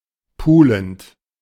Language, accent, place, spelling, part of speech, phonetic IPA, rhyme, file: German, Germany, Berlin, pulend, verb, [ˈpuːlənt], -uːlənt, De-pulend.ogg
- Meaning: present participle of pulen